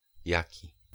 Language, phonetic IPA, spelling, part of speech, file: Polish, [ˈjäci], jaki, pronoun / noun, Pl-jaki.ogg